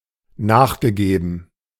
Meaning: past participle of nachgeben
- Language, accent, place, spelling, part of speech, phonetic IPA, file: German, Germany, Berlin, nachgegeben, verb, [ˈnaːxɡəˌɡeːbn̩], De-nachgegeben.ogg